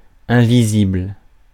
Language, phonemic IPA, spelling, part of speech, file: French, /ɛ̃.vi.zibl/, invisible, adjective, Fr-invisible.ogg
- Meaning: 1. invisible (unable to be seen) 2. invisible (not appearing on the surface)